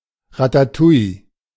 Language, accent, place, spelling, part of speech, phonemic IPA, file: German, Germany, Berlin, Ratatouille, noun, /ˌʁa.taˈtuː.i/, De-Ratatouille.ogg
- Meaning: ratatouille, or any mixed vegetable dish containing mainly courgettes, aubergines, and bell peppers